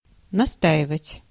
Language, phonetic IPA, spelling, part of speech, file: Russian, [nɐˈstaɪvətʲ], настаивать, verb, Ru-настаивать.ogg
- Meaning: 1. to insist, to persist, to press on, to put one's foot down 2. to draw, to extract, to infuse